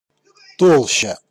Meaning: 1. thickness 2. stratum, thick layer, depth 3. mass
- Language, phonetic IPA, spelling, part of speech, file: Russian, [ˈtoɫɕːə], толща, noun, Ru-толща.ogg